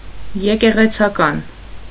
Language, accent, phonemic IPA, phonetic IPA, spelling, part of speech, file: Armenian, Eastern Armenian, /jekeʁet͡sʰɑˈkɑn/, [jekeʁet͡sʰɑkɑ́n], եկեղեցական, adjective / noun, Hy-եկեղեցական.ogg
- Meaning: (adjective) ecclesiastical, pertaining to the church; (noun) clergyman